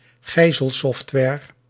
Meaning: ransomware
- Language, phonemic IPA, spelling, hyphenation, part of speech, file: Dutch, /ˈɣɛi̯.zəlˌsɔft.ʋɛːr/, gijzelsoftware, gij‧zel‧soft‧ware, noun, Nl-gijzelsoftware.ogg